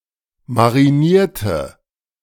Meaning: inflection of marinieren: 1. first/third-person singular preterite 2. first/third-person singular subjunctive II
- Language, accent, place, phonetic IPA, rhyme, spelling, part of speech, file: German, Germany, Berlin, [maʁiˈniːɐ̯tə], -iːɐ̯tə, marinierte, adjective / verb, De-marinierte.ogg